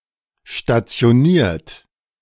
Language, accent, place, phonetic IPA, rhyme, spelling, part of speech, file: German, Germany, Berlin, [ʃtat͡si̯oˈniːɐ̯t], -iːɐ̯t, stationiert, verb, De-stationiert.ogg
- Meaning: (verb) past participle of stationieren; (adjective) stationed, deployed, positioned